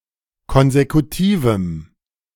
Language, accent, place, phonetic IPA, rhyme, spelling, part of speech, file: German, Germany, Berlin, [ˈkɔnzekutiːvm̩], -iːvm̩, konsekutivem, adjective, De-konsekutivem.ogg
- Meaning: strong dative masculine/neuter singular of konsekutiv